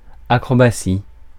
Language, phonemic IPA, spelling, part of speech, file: French, /a.kʁɔ.ba.si/, acrobatie, noun, Fr-acrobatie.ogg
- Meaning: 1. acrobatics 2. stunt, trick (dangerous feat)